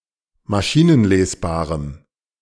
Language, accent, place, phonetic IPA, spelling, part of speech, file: German, Germany, Berlin, [maˈʃiːnənˌleːsbaːʁəm], maschinenlesbarem, adjective, De-maschinenlesbarem.ogg
- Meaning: strong dative masculine/neuter singular of maschinenlesbar